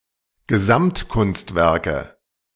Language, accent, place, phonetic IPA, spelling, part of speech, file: German, Germany, Berlin, [ɡəˈzamtˌkʊnstvɛʁkə], Gesamtkunstwerke, noun, De-Gesamtkunstwerke.ogg
- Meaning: nominative/accusative/genitive plural of Gesamtkunstwerk